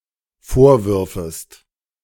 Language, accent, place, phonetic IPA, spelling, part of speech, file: German, Germany, Berlin, [ˈfoːɐ̯ˌvʏʁfəst], vorwürfest, verb, De-vorwürfest.ogg
- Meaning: second-person singular dependent subjunctive II of vorwerfen